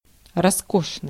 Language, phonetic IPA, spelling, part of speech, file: Russian, [rɐˈskoʂnɨj], роскошный, adjective, Ru-роскошный.ogg
- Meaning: 1. luxurious 2. magnificent